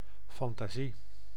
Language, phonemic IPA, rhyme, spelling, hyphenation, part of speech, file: Dutch, /fɑntaːˈzi/, -i, fantasie, fan‧ta‧sie, noun, Nl-fantasie.ogg
- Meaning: 1. fantasy, imagination (capacity for imagining and thinking up things) 2. fantasy (something that has been imagined) 3. fantasy, imagination (fantastic image or state, state of fantasy)